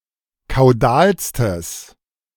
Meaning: strong/mixed nominative/accusative neuter singular superlative degree of kaudal
- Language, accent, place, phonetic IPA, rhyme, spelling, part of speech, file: German, Germany, Berlin, [kaʊ̯ˈdaːlstəs], -aːlstəs, kaudalstes, adjective, De-kaudalstes.ogg